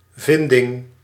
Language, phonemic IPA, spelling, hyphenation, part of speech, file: Dutch, /ˈvɪndɪŋ/, vinding, vin‧ding, noun, Nl-vinding.ogg
- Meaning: finding, discovery